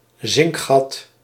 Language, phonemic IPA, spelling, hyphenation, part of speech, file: Dutch, /ˈzɪŋk.xɑt/, zinkgat, zink‧gat, noun, Nl-zinkgat.ogg
- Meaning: 1. entrance for loading a cannon 2. vertical shaft in a sewage system 3. sinkhole